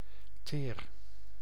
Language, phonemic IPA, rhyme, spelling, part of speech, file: Dutch, /teːr/, -eːr, teer, noun / adjective / verb, Nl-teer.ogg
- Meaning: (noun) tar; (adjective) tender, delicate; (noun) tenderness; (verb) inflection of teren: 1. first-person singular present indicative 2. second-person singular present indicative 3. imperative